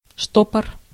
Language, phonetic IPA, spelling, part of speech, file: Russian, [ˈʂtopər], штопор, noun, Ru-штопор.ogg
- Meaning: 1. corkscrew (implement for opening bottles sealed by a cork) 2. spin (trajectory)